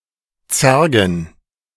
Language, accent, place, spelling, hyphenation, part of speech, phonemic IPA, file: German, Germany, Berlin, zergen, zer‧gen, verb, /ˈtsɛrɡən/, De-zergen.ogg
- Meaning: to tease, provoke, pester